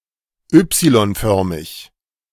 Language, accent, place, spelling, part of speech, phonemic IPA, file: German, Germany, Berlin, y-förmig, adjective, /ˈʏpsilɔnˌfœʁmɪç/, De-y-förmig.ogg
- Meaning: alternative form of Y-förmig